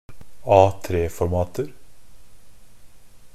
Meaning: indefinite plural of A3-format
- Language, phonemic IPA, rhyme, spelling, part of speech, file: Norwegian Bokmål, /ˈɑːtɾeːfɔɾmɑːtər/, -ər, A3-formater, noun, NB - Pronunciation of Norwegian Bokmål «A3-formater».ogg